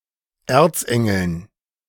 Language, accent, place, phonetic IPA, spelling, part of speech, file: German, Germany, Berlin, [ˈeːɐ̯t͡sˌʔɛŋl̩n], Erzengeln, noun, De-Erzengeln.ogg
- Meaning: dative plural of Erzengel